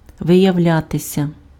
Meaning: 1. to show itself, to manifest itself, to become apparent 2. to come to light 3. to turn out, to prove, to show itself (to be: +instrumental) 4. passive of виявля́ти impf (vyjavljáty)
- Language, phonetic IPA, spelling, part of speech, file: Ukrainian, [ʋejɐu̯ˈlʲatesʲɐ], виявлятися, verb, Uk-виявлятися.ogg